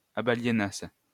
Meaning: second-person singular imperfect subjunctive of abaliéner
- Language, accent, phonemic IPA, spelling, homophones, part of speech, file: French, France, /a.ba.lje.nas/, abaliénasses, abaliénasse / abaliénassent, verb, LL-Q150 (fra)-abaliénasses.wav